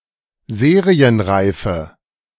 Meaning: inflection of serienreif: 1. strong/mixed nominative/accusative feminine singular 2. strong nominative/accusative plural 3. weak nominative all-gender singular
- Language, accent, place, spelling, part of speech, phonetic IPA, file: German, Germany, Berlin, serienreife, adjective, [ˈzeːʁiənˌʁaɪ̯fə], De-serienreife.ogg